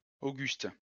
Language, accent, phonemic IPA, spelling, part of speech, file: French, France, /o.ɡyst/, Auguste, proper noun, LL-Q150 (fra)-Auguste.wav
- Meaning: 1. Augustus, the Roman emperor 2. a male given name